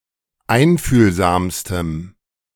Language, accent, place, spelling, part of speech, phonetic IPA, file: German, Germany, Berlin, einfühlsamstem, adjective, [ˈaɪ̯nfyːlzaːmstəm], De-einfühlsamstem.ogg
- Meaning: strong dative masculine/neuter singular superlative degree of einfühlsam